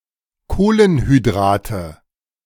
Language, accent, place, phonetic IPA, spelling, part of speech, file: German, Germany, Berlin, [ˈkoːlənhyˌdʁaːtə], Kohlenhydrate, noun, De-Kohlenhydrate.ogg
- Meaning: nominative/accusative/genitive plural of Kohlenhydrat